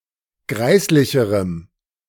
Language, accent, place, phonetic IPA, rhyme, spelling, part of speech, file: German, Germany, Berlin, [ˈɡʁaɪ̯slɪçəʁəm], -aɪ̯slɪçəʁəm, greislicherem, adjective, De-greislicherem.ogg
- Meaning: strong dative masculine/neuter singular comparative degree of greislich